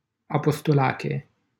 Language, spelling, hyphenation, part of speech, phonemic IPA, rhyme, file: Romanian, Apostolache, A‧pos‧to‧la‧che, proper noun, /a.pos.toˈla.ke/, -ake, LL-Q7913 (ron)-Apostolache.wav
- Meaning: 1. a commune of Prahova County, Romania 2. a village in Apostolache, Prahova County, Romania 3. a surname from Greek